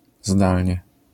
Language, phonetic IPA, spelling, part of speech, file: Polish, [ˈzdalʲɲɛ], zdalnie, adverb, LL-Q809 (pol)-zdalnie.wav